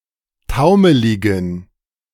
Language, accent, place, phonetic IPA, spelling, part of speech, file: German, Germany, Berlin, [ˈtaʊ̯məlɪɡn̩], taumeligen, adjective, De-taumeligen.ogg
- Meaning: inflection of taumelig: 1. strong genitive masculine/neuter singular 2. weak/mixed genitive/dative all-gender singular 3. strong/weak/mixed accusative masculine singular 4. strong dative plural